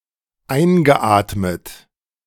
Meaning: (verb) past participle of einatmen; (adjective) inhaled
- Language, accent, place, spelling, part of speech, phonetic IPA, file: German, Germany, Berlin, eingeatmet, verb, [ˈaɪ̯nɡəˌʔaːtmət], De-eingeatmet.ogg